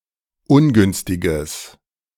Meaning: strong/mixed nominative/accusative neuter singular of ungünstig
- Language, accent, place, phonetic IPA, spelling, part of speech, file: German, Germany, Berlin, [ˈʊnˌɡʏnstɪɡəs], ungünstiges, adjective, De-ungünstiges.ogg